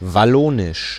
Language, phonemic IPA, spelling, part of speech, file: German, /vaˈloːnɪʃ/, Wallonisch, proper noun, De-Wallonisch.ogg
- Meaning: Walloon (the language)